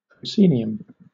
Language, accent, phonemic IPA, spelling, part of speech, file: English, Southern England, /pɹəʊˈsiː.ni.əm/, proscenium, noun, LL-Q1860 (eng)-proscenium.wav
- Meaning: 1. The stage area between the curtain and the orchestra 2. The stage area immediately in front of the scene building